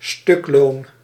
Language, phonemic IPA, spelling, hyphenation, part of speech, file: Dutch, /ˈstʏk.loːn/, stukloon, stuk‧loon, noun, Nl-stukloon.ogg
- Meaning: piece rate